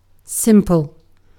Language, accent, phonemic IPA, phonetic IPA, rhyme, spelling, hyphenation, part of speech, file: English, Received Pronunciation, /ˈsɪm.pəl/, [ˈsɪm.pɫ̩], -ɪmpəl, simple, sim‧ple, adjective / noun / verb, En-uk-simple.ogg
- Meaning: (adjective) 1. Uncomplicated; lacking complexity; taken by itself, with nothing added 2. Easy; not difficult 3. Without ornamentation; plain